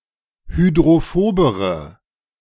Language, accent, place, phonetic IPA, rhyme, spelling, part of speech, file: German, Germany, Berlin, [hydʁoˈfoːbəʁə], -oːbəʁə, hydrophobere, adjective, De-hydrophobere.ogg
- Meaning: inflection of hydrophob: 1. strong/mixed nominative/accusative feminine singular comparative degree 2. strong nominative/accusative plural comparative degree